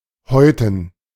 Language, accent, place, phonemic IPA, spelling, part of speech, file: German, Germany, Berlin, /ˈhɔɪ̯tn̩/, häuten, verb, De-häuten.ogg
- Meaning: 1. to skin 2. to moult skin